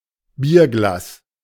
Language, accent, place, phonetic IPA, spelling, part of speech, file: German, Germany, Berlin, [ˈbi(ː)ɐ̯ˌɡlaːs], Bierglas, noun, De-Bierglas.ogg
- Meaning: any glass vessel intended for beer: beer glass, beer mug